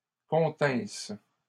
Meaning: second-person singular imperfect subjunctive of contenir
- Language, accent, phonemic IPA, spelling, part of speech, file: French, Canada, /kɔ̃.tɛ̃s/, continsses, verb, LL-Q150 (fra)-continsses.wav